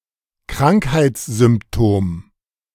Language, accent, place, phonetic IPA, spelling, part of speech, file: German, Germany, Berlin, [ˈkʁaŋkhaɪ̯t͡sz̥ʏmpˌtoːm], Krankheitssymptom, noun, De-Krankheitssymptom.ogg
- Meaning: symptom, sign of illness